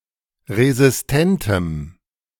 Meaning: strong dative masculine/neuter singular of resistent
- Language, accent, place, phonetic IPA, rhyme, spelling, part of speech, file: German, Germany, Berlin, [ʁezɪsˈtɛntəm], -ɛntəm, resistentem, adjective, De-resistentem.ogg